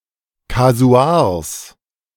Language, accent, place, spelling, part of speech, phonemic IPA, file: German, Germany, Berlin, Kasuars, noun, /kaˈzu̯aːʁs/, De-Kasuars.ogg
- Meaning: genitive singular of Kasuar